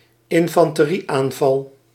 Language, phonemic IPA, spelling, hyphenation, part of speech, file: Dutch, /ɪn.fɑn.təˈri.aːnˌvɑl/, infanterieaanval, in‧fan‧te‧rie‧aan‧val, noun, Nl-infanterieaanval.ogg
- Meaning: an infantry attack